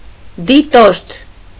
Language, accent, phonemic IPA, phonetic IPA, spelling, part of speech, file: Armenian, Eastern Armenian, /diˈtoɾtʰ/, [ditóɾtʰ], դիտորդ, noun, Hy-դիտորդ.ogg
- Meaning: observer